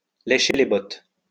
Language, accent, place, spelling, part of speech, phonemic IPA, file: French, France, Lyon, lécher les bottes, verb, /le.ʃe le bɔt/, LL-Q150 (fra)-lécher les bottes.wav
- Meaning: to lick someone's boots, to bow and scrape, to brownnose, to suck up